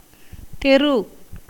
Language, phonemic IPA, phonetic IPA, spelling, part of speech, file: Tamil, /t̪ɛɾɯ/, [t̪e̞ɾɯ], தெரு, noun, Ta-தெரு.ogg
- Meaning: 1. street 2. road